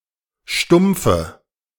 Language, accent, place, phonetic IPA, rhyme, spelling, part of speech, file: German, Germany, Berlin, [ˈʃtʊmp͡fə], -ʊmp͡fə, stumpfe, adjective, De-stumpfe.ogg
- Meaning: inflection of stumpf: 1. strong/mixed nominative/accusative feminine singular 2. strong nominative/accusative plural 3. weak nominative all-gender singular 4. weak accusative feminine/neuter singular